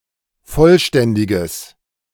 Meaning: strong/mixed nominative/accusative neuter singular of vollständig
- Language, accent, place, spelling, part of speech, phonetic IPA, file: German, Germany, Berlin, vollständiges, adjective, [ˈfɔlˌʃtɛndɪɡəs], De-vollständiges.ogg